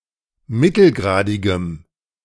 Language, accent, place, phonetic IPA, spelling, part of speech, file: German, Germany, Berlin, [ˈmɪtl̩ˌɡʁaːdɪɡəm], mittelgradigem, adjective, De-mittelgradigem.ogg
- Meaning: strong dative masculine/neuter singular of mittelgradig